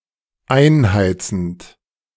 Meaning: present participle of einheizen
- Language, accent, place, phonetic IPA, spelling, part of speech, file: German, Germany, Berlin, [ˈaɪ̯nˌhaɪ̯t͡sn̩t], einheizend, verb, De-einheizend.ogg